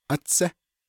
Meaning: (particle) 1. first 2. before; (interjection) wait, hold on
- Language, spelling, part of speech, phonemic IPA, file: Navajo, átsé, particle / interjection, /ʔɑ́t͡sʰɛ́/, Nv-átsé.ogg